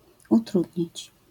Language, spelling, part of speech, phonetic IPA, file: Polish, utrudnić, verb, [uˈtrudʲɲit͡ɕ], LL-Q809 (pol)-utrudnić.wav